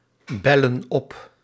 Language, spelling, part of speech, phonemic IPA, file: Dutch, bellen op, verb, /ˈbɛlə(n) ˈɔp/, Nl-bellen op.ogg
- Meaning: inflection of opbellen: 1. plural present indicative 2. plural present subjunctive